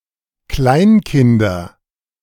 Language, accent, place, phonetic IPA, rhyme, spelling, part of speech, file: German, Germany, Berlin, [ˈklaɪ̯nˌkɪndɐ], -aɪ̯nkɪndɐ, Kleinkinder, noun, De-Kleinkinder.ogg
- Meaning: nominative/accusative/genitive plural of Kleinkind